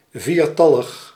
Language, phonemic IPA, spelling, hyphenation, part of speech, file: Dutch, /ˈviːrˌtɑ.ləx/, viertallig, vier‧tal‧lig, adjective, Nl-viertallig.ogg
- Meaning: consisting of four